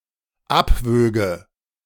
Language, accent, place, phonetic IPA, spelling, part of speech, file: German, Germany, Berlin, [ˈapˌvøːɡə], abwöge, verb, De-abwöge.ogg
- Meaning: first/third-person singular dependent subjunctive II of abwiegen